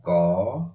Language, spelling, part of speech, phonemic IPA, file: Odia, କ, character, /kɔ/, Or-କ.oga
- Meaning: The thirteenth character in the Odia abugida